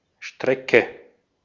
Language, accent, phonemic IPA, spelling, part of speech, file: German, Austria, /ˈʃtʁɛkə/, Strecke, noun, De-at-Strecke.ogg
- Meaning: 1. stretch 2. route 3. line segment